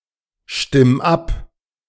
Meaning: 1. singular imperative of abstimmen 2. first-person singular present of abstimmen
- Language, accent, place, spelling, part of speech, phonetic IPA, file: German, Germany, Berlin, stimm ab, verb, [ˌʃtɪm ˈap], De-stimm ab.ogg